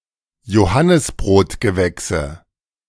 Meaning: nominative/accusative/genitive plural of Johannisbrotgewächs
- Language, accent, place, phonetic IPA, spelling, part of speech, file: German, Germany, Berlin, [joˈhanɪsbʁoːtɡəˌvɛksə], Johannisbrotgewächse, noun, De-Johannisbrotgewächse.ogg